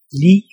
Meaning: 1. equal to 2. like, similar to
- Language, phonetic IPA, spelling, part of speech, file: Danish, [ˈliˀ], lig, adjective, Da-lig.ogg